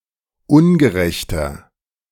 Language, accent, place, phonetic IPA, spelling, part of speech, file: German, Germany, Berlin, [ˈʊnɡəˌʁɛçtɐ], ungerechter, adjective, De-ungerechter.ogg
- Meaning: 1. comparative degree of ungerecht 2. inflection of ungerecht: strong/mixed nominative masculine singular 3. inflection of ungerecht: strong genitive/dative feminine singular